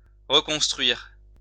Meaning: rebuild (to build again)
- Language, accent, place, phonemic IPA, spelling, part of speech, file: French, France, Lyon, /ʁə.kɔ̃s.tʁɥiʁ/, reconstruire, verb, LL-Q150 (fra)-reconstruire.wav